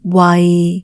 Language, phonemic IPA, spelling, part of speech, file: Cantonese, /wɐi˨/, wai6, romanization, Yue-wai6.ogg
- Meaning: 1. Jyutping transcription of 喟 2. Jyutping transcription of 衛 /卫, 衞 /卫